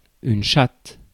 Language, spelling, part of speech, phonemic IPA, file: French, chatte, noun, /ʃat/, Fr-chatte.ogg
- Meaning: 1. she-cat (female cat) 2. pussy, twat (female genitalia) 3. luck